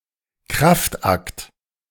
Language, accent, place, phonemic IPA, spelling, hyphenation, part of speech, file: German, Germany, Berlin, /ˈkʁaftˌakt/, Kraftakt, Kraft‧akt, noun, De-Kraftakt.ogg
- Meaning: 1. show of strength, stunt, feat 2. tour de force, strenuous effort